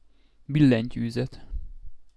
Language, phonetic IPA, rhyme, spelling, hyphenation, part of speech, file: Hungarian, [ˈbilːɛɲcyːzɛt], -ɛt, billentyűzet, bil‧len‧tyű‧zet, noun, Hu-billentyűzet.ogg
- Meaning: keyboard (set of keys used to operate a typewriter, computer etc.)